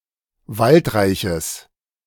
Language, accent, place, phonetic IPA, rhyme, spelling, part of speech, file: German, Germany, Berlin, [ˈvaltˌʁaɪ̯çəs], -altʁaɪ̯çəs, waldreiches, adjective, De-waldreiches.ogg
- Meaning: strong/mixed nominative/accusative neuter singular of waldreich